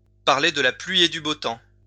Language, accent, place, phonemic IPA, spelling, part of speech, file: French, France, Lyon, /paʁ.le d(ə) la plɥi e dy bo tɑ̃/, parler de la pluie et du beau temps, verb, LL-Q150 (fra)-parler de la pluie et du beau temps.wav
- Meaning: to make small talk, to chit-chat